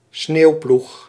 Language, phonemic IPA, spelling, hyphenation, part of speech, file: Dutch, /ˈsneːu̯.plux/, sneeuwploeg, sneeuw‧ploeg, noun, Nl-sneeuwploeg.ogg
- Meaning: snow plough, snow plow